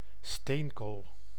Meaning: coal
- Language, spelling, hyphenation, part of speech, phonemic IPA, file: Dutch, steenkool, steen‧kool, noun, /ˈsteːn.koːl/, Nl-steenkool.ogg